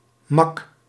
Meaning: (adjective) 1. tame (domesticated, tamed) 2. calm, tame (in a calm state of mind. not agitated); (verb) inflection of makken: first-person singular present indicative
- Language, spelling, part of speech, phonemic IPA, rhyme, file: Dutch, mak, adjective / verb, /mɑk/, -ɑk, Nl-mak.ogg